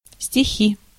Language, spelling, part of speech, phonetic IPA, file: Russian, стихи, noun, [sʲtʲɪˈxʲi], Ru-стихи.ogg
- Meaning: 1. poem 2. nominative plural of стих (stix, “verse”) 3. accusative plural of стих (stix)